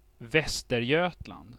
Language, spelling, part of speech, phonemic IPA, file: Swedish, Västergötland, proper noun, /ˈvɛstɛrˌjøːtland/, Sv-Västergötland.ogg
- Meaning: Västergötland, West Geatland (a historical province in western Sweden)